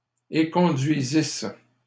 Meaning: second-person singular imperfect subjunctive of éconduire
- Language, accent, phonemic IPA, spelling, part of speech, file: French, Canada, /e.kɔ̃.dɥi.zis/, éconduisisses, verb, LL-Q150 (fra)-éconduisisses.wav